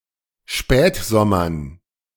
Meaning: dative plural of Spätsommer
- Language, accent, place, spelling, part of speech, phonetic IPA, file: German, Germany, Berlin, Spätsommern, noun, [ˈʃpɛːtˌzɔmɐn], De-Spätsommern.ogg